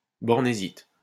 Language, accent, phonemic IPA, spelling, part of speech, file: French, France, /bɔʁ.ne.zit/, bornésite, noun, LL-Q150 (fra)-bornésite.wav
- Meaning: palm syrup from Borneo